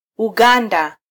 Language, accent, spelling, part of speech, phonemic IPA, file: Swahili, Kenya, Uganda, proper noun, /uˈɠɑ.ⁿdɑ/, Sw-ke-Uganda.flac
- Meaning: Uganda (a country in East Africa)